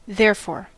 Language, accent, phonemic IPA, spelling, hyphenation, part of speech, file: English, US, /ˈðɛɹ.fɔɹ/, therefore, there‧fore, adverb, En-us-therefore.ogg
- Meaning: 1. Consequently, by or in consequence of that or this cause; referring to something previously stated 2. For that; for it (in reference to a previous statement)